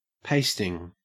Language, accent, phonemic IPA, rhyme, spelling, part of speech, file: English, Australia, /ˈpeɪstɪŋ/, -eɪstɪŋ, pasting, noun / verb, En-au-pasting.ogg
- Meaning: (noun) 1. The act of applying paste to something, or affixing something using paste 2. A defeat; a beating; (verb) present participle and gerund of paste